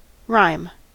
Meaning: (noun) 1. Rhyming verse (poetic form) 2. A thought expressed in verse; a verse; a poem; a tale told in verse 3. A word that rhymes with another
- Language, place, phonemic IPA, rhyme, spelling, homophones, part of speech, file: English, California, /ɹaɪm/, -aɪm, rhyme, rime, noun / verb, En-us-rhyme.ogg